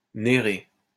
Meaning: Nereus
- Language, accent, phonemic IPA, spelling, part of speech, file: French, France, /ne.ʁe/, Nérée, proper noun, LL-Q150 (fra)-Nérée.wav